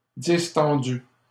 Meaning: feminine singular of distendu
- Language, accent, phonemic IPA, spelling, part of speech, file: French, Canada, /dis.tɑ̃.dy/, distendue, adjective, LL-Q150 (fra)-distendue.wav